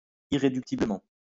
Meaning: 1. irreducibly 2. implacably
- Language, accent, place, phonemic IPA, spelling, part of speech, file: French, France, Lyon, /i.ʁe.dyk.ti.blə.mɑ̃/, irréductiblement, adverb, LL-Q150 (fra)-irréductiblement.wav